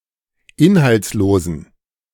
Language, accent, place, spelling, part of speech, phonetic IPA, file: German, Germany, Berlin, inhaltslosen, adjective, [ˈɪnhalt͡sˌloːzn̩], De-inhaltslosen.ogg
- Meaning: inflection of inhaltslos: 1. strong genitive masculine/neuter singular 2. weak/mixed genitive/dative all-gender singular 3. strong/weak/mixed accusative masculine singular 4. strong dative plural